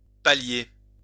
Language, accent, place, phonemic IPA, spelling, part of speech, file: French, France, Lyon, /pa.lje/, pallier, verb, LL-Q150 (fra)-pallier.wav
- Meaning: 1. to conceal 2. to palliate (to relieve the symptoms of) 3. to compensate for; to make up for